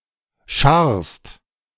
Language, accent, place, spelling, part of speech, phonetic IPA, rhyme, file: German, Germany, Berlin, scharrst, verb, [ʃaʁst], -aʁst, De-scharrst.ogg
- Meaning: second-person singular present of scharren